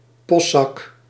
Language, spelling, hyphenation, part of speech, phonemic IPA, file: Dutch, postzak, post‧zak, noun, /ˈpɔst.sɑk/, Nl-postzak.ogg
- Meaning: a mailbag (large bag for transporting mail in large quantities)